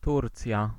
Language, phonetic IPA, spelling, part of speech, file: Polish, [ˈturt͡sʲja], Turcja, proper noun, Pl-Turcja.ogg